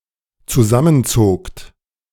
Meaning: second-person plural dependent preterite of zusammenziehen
- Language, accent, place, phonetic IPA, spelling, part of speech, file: German, Germany, Berlin, [t͡suˈzamənˌzoːkt], zusammenzogt, verb, De-zusammenzogt.ogg